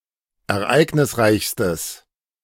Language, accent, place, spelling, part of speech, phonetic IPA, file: German, Germany, Berlin, ereignisreichstes, adjective, [ɛɐ̯ˈʔaɪ̯ɡnɪsˌʁaɪ̯çstəs], De-ereignisreichstes.ogg
- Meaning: strong/mixed nominative/accusative neuter singular superlative degree of ereignisreich